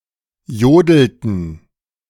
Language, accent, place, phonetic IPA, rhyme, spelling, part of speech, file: German, Germany, Berlin, [ˈjoːdl̩tn̩], -oːdl̩tn̩, jodelten, verb, De-jodelten.ogg
- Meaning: inflection of jodeln: 1. first/third-person plural preterite 2. first/third-person plural subjunctive II